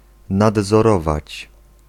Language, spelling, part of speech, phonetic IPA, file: Polish, nadzorować, verb, [ˌnadzɔˈrɔvat͡ɕ], Pl-nadzorować.ogg